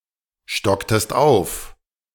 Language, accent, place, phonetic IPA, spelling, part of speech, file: German, Germany, Berlin, [ˌʃtɔktəst ˈaʊ̯f], stocktest auf, verb, De-stocktest auf.ogg
- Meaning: inflection of aufstocken: 1. second-person singular preterite 2. second-person singular subjunctive II